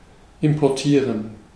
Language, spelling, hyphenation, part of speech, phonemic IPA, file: German, importieren, im‧por‧tie‧ren, verb, /ɪmpɔrˈtiːrən/, De-importieren.ogg
- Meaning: 1. to import (to bring something in from a foreign country) 2. to import (to load a file into a software application for use as a resource in a greater data file)